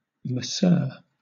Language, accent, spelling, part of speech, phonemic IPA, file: English, Southern England, masseur, noun, /məˈsɜː/, LL-Q1860 (eng)-masseur.wav
- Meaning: 1. A person (especially male) who performs massage 2. An instrument used in the performance of massage